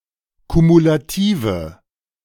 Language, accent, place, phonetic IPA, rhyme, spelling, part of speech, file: German, Germany, Berlin, [kumulaˈtiːvə], -iːvə, kumulative, adjective, De-kumulative.ogg
- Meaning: inflection of kumulativ: 1. strong/mixed nominative/accusative feminine singular 2. strong nominative/accusative plural 3. weak nominative all-gender singular